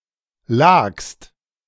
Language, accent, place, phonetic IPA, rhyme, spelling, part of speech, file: German, Germany, Berlin, [laːkst], -aːkst, lagst, verb, De-lagst.ogg
- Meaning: second-person singular preterite of liegen